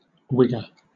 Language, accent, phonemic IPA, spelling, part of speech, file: English, Southern England, /ˈwɪɡə/, wigger, noun, LL-Q1860 (eng)-wigger.wav
- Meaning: 1. A maker of wigs 2. A white person, typically young and male, considered to be overly infatuated with African-American or (UK) Afro-Caribbean culture, a cultural appropriator